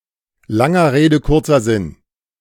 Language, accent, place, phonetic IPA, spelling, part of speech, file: German, Germany, Berlin, [ˈlaŋɐ ˈʁeːdə ˈkʊʁt͡sɐ ˈzɪn], langer Rede kurzer Sinn, phrase, De-langer Rede kurzer Sinn.ogg
- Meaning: alternative form of lange Rede, kurzer Sinn